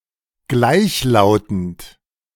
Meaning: 1. homophonous 2. monotonous 3. identical, conform
- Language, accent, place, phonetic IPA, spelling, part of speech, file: German, Germany, Berlin, [ˈɡlaɪ̯çlaʊ̯tn̩t], gleichlautend, adjective, De-gleichlautend.ogg